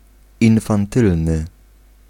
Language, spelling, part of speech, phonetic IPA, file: Polish, infantylny, adjective, [ˌĩnfãnˈtɨlnɨ], Pl-infantylny.ogg